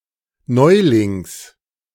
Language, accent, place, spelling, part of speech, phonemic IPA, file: German, Germany, Berlin, Neulings, noun, /ˈnɔɪ̯lɪŋs/, De-Neulings.ogg
- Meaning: genitive singular of Neuling